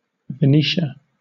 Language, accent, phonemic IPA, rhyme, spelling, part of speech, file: English, Southern England, /vɪˈniːʃə/, -iːʃə, Venetia, proper noun, LL-Q1860 (eng)-Venetia.wav
- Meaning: 1. a historical region in northeastern Italy, roughly corresponding to the modern Veneto 2. A female given name from Latin used since the late Middle Ages